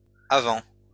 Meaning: plural of avant
- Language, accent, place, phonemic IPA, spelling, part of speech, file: French, France, Lyon, /a.vɑ̃/, avants, noun, LL-Q150 (fra)-avants.wav